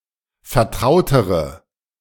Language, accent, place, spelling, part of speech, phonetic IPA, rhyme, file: German, Germany, Berlin, vertrautere, adjective, [fɛɐ̯ˈtʁaʊ̯təʁə], -aʊ̯təʁə, De-vertrautere.ogg
- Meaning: inflection of vertraut: 1. strong/mixed nominative/accusative feminine singular comparative degree 2. strong nominative/accusative plural comparative degree